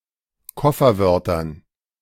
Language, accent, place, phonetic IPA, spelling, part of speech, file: German, Germany, Berlin, [ˈkɔfɐˌvœʁtɐn], Kofferwörtern, noun, De-Kofferwörtern.ogg
- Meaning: dative plural of Kofferwort